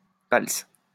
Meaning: palsa
- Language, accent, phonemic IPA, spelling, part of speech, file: French, France, /pals/, palse, noun, LL-Q150 (fra)-palse.wav